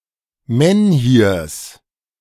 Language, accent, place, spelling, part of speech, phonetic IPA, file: German, Germany, Berlin, Menhirs, noun, [ˈmɛnhiːɐ̯s], De-Menhirs.ogg
- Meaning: genitive singular of Menhir